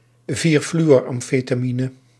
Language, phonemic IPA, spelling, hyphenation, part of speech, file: Dutch, /viːr.fly.ɔr.ɑm.feː.taː.mi.nə/, 4-fluoramfetamine, 4-flu‧or‧am‧fe‧ta‧mi‧ne, noun, Nl-4-fluoramfetamine.ogg
- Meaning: 4-fluoroamphetamine